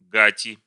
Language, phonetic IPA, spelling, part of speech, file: Russian, [ˈɡatʲɪ], гати, noun, Ru-гати.ogg
- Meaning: inflection of гать (gatʹ): 1. genitive/dative/prepositional singular 2. nominative/accusative plural